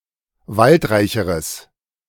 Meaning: strong/mixed nominative/accusative neuter singular comparative degree of waldreich
- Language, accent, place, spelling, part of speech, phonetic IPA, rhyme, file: German, Germany, Berlin, waldreicheres, adjective, [ˈvaltˌʁaɪ̯çəʁəs], -altʁaɪ̯çəʁəs, De-waldreicheres.ogg